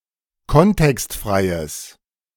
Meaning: strong/mixed nominative/accusative neuter singular of kontextfrei
- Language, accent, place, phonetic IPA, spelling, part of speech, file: German, Germany, Berlin, [ˈkɔntɛkstˌfʁaɪ̯əs], kontextfreies, adjective, De-kontextfreies.ogg